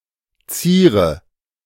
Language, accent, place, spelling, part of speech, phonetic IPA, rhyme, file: German, Germany, Berlin, ziere, verb, [ˈt͡siːʁə], -iːʁə, De-ziere.ogg
- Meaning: inflection of zieren: 1. first-person singular present 2. singular imperative 3. first/third-person singular subjunctive I